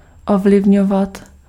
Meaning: to influence
- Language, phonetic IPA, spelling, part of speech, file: Czech, [ˈovlɪvɲovat], ovlivňovat, verb, Cs-ovlivňovat.ogg